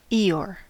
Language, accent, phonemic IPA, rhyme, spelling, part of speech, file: English, US, /ˈiː.jɔː(ɹ)/, -ɔː(ɹ), Eeyore, proper noun / noun, En-us-Eeyore.ogg
- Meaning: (proper noun) A talking donkey from the English children's book series Winnie-the-Pooh, noted for his melancholy and drowsiness; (noun) An excessively negative or pessimistic person